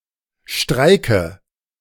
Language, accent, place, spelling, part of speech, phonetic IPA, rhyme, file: German, Germany, Berlin, streike, verb, [ˈʃtʁaɪ̯kə], -aɪ̯kə, De-streike.ogg
- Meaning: inflection of streiken: 1. first-person singular present 2. first/third-person singular subjunctive I 3. singular imperative